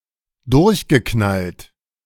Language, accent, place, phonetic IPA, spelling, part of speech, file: German, Germany, Berlin, [ˈdʊʁçɡəˌknalt], durchgeknallt, adjective / verb, De-durchgeknallt.ogg
- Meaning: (verb) past participle of durchknallen; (adjective) crazy, freaked out